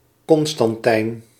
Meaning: a male given name from Latin, equivalent to English Constantine
- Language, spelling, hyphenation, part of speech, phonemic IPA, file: Dutch, Constantijn, Con‧stan‧tijn, proper noun, /ˈkɔnstɑnˌtɛi̯n/, Nl-Constantijn.ogg